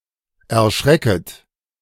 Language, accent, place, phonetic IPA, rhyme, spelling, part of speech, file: German, Germany, Berlin, [ɛɐ̯ˈʃʁɛkət], -ɛkət, erschrecket, verb, De-erschrecket.ogg
- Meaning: second-person plural subjunctive I of erschrecken